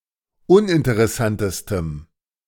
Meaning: strong dative masculine/neuter singular superlative degree of uninteressant
- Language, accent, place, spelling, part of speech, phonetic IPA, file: German, Germany, Berlin, uninteressantestem, adjective, [ˈʊnʔɪntəʁɛˌsantəstəm], De-uninteressantestem.ogg